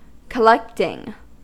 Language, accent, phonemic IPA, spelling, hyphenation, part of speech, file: English, US, /kəˈlɛktɪŋ/, collecting, col‧lect‧ing, noun / verb, En-us-collecting.ogg
- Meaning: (noun) A hobby including seeking, locating, acquiring, organizing, cataloging, displaying, storing, and maintaining whatever items are of interest to the individual collector